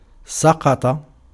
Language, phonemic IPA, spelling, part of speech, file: Arabic, /sa.qa.tˤa/, سقط, verb / adjective, Ar-سقط.ogg
- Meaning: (verb) to fall, to collapse, to descend; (adjective) defective; worthless; inadequate